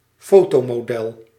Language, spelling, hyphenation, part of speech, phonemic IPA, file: Dutch, fotomodel, fo‧to‧mo‧del, noun, /ˈfoː.toː.moːˌdɛl/, Nl-fotomodel.ogg
- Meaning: photographic model